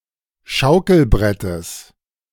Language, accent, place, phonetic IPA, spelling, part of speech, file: German, Germany, Berlin, [ˈʃaʊ̯kl̩ˌbʁɛtəs], Schaukelbrettes, noun, De-Schaukelbrettes.ogg
- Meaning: genitive of Schaukelbrett